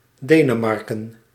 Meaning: 1. Denmark (a country in Northern Europe) 2. a hamlet in Midden-Groningen, Groningen, Netherlands
- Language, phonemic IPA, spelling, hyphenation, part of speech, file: Dutch, /ˈdeː.nəˌmɑr.kə(n)/, Denemarken, De‧ne‧mar‧ken, proper noun, Nl-Denemarken.ogg